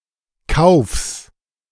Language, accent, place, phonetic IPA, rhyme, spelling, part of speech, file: German, Germany, Berlin, [kaʊ̯fs], -aʊ̯fs, Kaufs, noun, De-Kaufs.ogg
- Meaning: genitive of Kauf